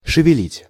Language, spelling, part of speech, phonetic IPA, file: Russian, шевелить, verb, [ʂɨvʲɪˈlʲitʲ], Ru-шевелить.ogg
- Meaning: 1. to stir, to turn over 2. to move slightly, to budge